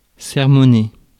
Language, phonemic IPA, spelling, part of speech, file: French, /sɛʁ.mɔ.ne/, sermonner, verb, Fr-sermonner.ogg
- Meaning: to lecture, sermonise